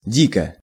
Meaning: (adverb) 1. wildly 2. with a wild look 3. terribly, awfully, badly; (adjective) 1. it is desolate 2. it is absurd 3. short neuter singular of ди́кий (díkij)
- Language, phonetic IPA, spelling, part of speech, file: Russian, [ˈdʲikə], дико, adverb / adjective, Ru-дико.ogg